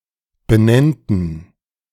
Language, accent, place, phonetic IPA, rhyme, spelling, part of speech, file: German, Germany, Berlin, [bəˈnɛntn̩], -ɛntn̩, benennten, verb, De-benennten.ogg
- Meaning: first/third-person plural subjunctive II of benennen